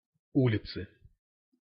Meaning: inflection of у́лица (úlica): 1. genitive singular 2. nominative/accusative plural
- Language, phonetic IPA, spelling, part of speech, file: Russian, [ˈulʲɪt͡sɨ], улицы, noun, Ru-улицы.ogg